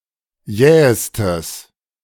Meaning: strong/mixed nominative/accusative neuter singular superlative degree of jäh
- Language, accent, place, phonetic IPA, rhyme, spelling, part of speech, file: German, Germany, Berlin, [ˈjɛːəstəs], -ɛːəstəs, jähestes, adjective, De-jähestes.ogg